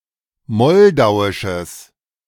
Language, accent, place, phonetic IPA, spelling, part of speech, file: German, Germany, Berlin, [ˈmɔldaʊ̯ɪʃəs], moldauisches, adjective, De-moldauisches.ogg
- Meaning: strong/mixed nominative/accusative neuter singular of moldauisch